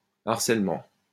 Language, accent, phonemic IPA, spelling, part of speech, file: French, France, /aʁ.sɛl.mɑ̃/, harcèlement, noun, LL-Q150 (fra)-harcèlement.wav
- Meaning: harassment; bullying